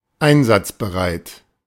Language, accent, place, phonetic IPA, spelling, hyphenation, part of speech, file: German, Germany, Berlin, [ˈaɪ̯nzatsbəˌʁaɪ̯t], einsatzbereit, ein‧satz‧be‧reit, adjective, De-einsatzbereit.ogg
- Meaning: 1. ready for action, ready for operation, ready for use 2. fit for play 3. combat-ready